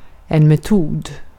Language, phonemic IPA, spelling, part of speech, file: Swedish, /mɛˈtuːd/, metod, noun, Sv-metod.ogg
- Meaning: 1. a method (process by which a task is completed) 2. a method